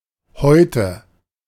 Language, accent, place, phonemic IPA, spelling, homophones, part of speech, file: German, Germany, Berlin, /ˈhɔɪ̯tə/, Heute, häute, noun, De-Heute.ogg
- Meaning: today